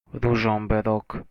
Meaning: a town in northern Slovakia, situated on the Váh river
- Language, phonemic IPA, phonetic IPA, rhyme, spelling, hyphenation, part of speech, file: Slovak, /ruʒɔmberɔk/, [ˈruʒɔmberɔk], -erɔk, Ružomberok, Ru‧žom‧be‧rok, proper noun, Sk-Ružomberok.oga